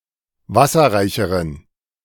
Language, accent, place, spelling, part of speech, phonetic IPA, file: German, Germany, Berlin, wasserreicheren, adjective, [ˈvasɐʁaɪ̯çəʁən], De-wasserreicheren.ogg
- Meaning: inflection of wasserreich: 1. strong genitive masculine/neuter singular comparative degree 2. weak/mixed genitive/dative all-gender singular comparative degree